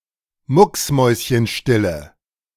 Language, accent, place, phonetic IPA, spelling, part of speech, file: German, Germany, Berlin, [ˈmʊksˌmɔɪ̯sçənʃtɪlə], mucksmäuschenstille, adjective, De-mucksmäuschenstille.ogg
- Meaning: inflection of mucksmäuschenstill: 1. strong/mixed nominative/accusative feminine singular 2. strong nominative/accusative plural 3. weak nominative all-gender singular